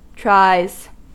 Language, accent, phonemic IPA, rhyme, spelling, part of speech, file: English, US, /tɹaɪz/, -aɪz, tries, noun / verb, En-us-tries.ogg
- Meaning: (noun) 1. plural of try 2. plural of trie; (verb) third-person singular simple present indicative of try